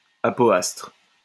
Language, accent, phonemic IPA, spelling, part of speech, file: French, France, /a.pɔ.astʁ/, apoastre, noun, LL-Q150 (fra)-apoastre.wav
- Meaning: apoapsis